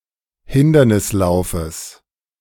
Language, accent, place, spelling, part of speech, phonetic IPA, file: German, Germany, Berlin, Hindernislaufes, noun, [ˈhɪndɐnɪsˌlaʊ̯fəs], De-Hindernislaufes.ogg
- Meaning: genitive singular of Hindernislauf